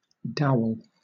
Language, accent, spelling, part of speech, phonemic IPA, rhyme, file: English, Southern England, dowel, noun / verb, /ˈdaʊəl/, -aʊəl, LL-Q1860 (eng)-dowel.wav